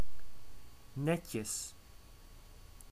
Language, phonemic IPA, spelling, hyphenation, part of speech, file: Dutch, /ˈnɛ.tjəs/, netjes, net‧jes, adjective / adverb / interjection / noun, Nl-netjes.ogg
- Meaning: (adjective) 1. tidy, neat 2. decent, proper; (adverb) diminutive of net: neatly, properly; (interjection) nice! neat!; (noun) plural of netje